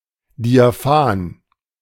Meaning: diaphanous, translucent
- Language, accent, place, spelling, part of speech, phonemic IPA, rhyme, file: German, Germany, Berlin, diaphan, adjective, /diaˈfaːn/, -aːn, De-diaphan.ogg